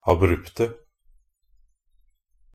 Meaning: 1. definite singular of abrupt 2. plural of abrupt
- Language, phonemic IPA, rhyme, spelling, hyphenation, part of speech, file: Norwegian Bokmål, /aˈbrʉptə/, -ʉptə, abrupte, ab‧rup‧te, adjective, NB - Pronunciation of Norwegian Bokmål «abrupte».ogg